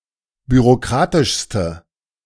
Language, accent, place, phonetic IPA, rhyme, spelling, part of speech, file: German, Germany, Berlin, [byʁoˈkʁaːtɪʃstə], -aːtɪʃstə, bürokratischste, adjective, De-bürokratischste.ogg
- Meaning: inflection of bürokratisch: 1. strong/mixed nominative/accusative feminine singular superlative degree 2. strong nominative/accusative plural superlative degree